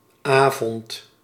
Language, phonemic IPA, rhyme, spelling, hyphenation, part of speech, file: Dutch, /ˈaː.vɔnt/, -aːvɔnt, avond, avond, noun, Nl-avond.ogg
- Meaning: evening, night